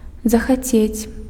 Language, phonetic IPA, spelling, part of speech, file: Belarusian, [zaxaˈt͡sʲet͡sʲ], захацець, verb, Be-захацець.ogg
- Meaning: to want